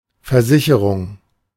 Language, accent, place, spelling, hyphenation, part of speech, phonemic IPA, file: German, Germany, Berlin, Versicherung, Ver‧si‧che‧rung, noun, /fɛɐ̯ˈzɪçəʁʊŋ/, De-Versicherung.ogg
- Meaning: 1. insurance; an insurance policy 2. an insurance company 3. affirmation; assurance; the act of assuring someone